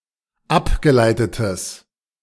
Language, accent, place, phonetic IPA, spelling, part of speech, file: German, Germany, Berlin, [ˈapɡəˌlaɪ̯tətəs], abgeleitetes, adjective, De-abgeleitetes.ogg
- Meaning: strong/mixed nominative/accusative neuter singular of abgeleitet